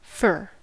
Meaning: 1. A conifer of the genus Abies 2. Any pinaceous conifer of related genera, especially a Douglas fir (Pseudotsuga) or a Scots pine (Pinus sylvestris) 3. Wood of such trees
- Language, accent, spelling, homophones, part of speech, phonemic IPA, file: English, US, fir, fair, noun, /fɝ/, En-us-fir.ogg